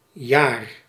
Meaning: year (the time it takes the Earth to circle the Sun; its equivalent on other planets)
- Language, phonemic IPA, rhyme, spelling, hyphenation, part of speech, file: Dutch, /jaːr/, -aːr, jaar, jaar, noun, Nl-jaar.ogg